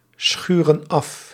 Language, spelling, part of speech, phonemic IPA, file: Dutch, schuren af, verb, /ˈsxyrə(n) ˈɑf/, Nl-schuren af.ogg
- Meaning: inflection of afschuren: 1. plural present indicative 2. plural present subjunctive